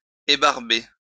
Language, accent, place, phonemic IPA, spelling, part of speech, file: French, France, Lyon, /e.baʁ.be/, ébarber, verb, LL-Q150 (fra)-ébarber.wav
- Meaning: to trim; to shave (remove excess)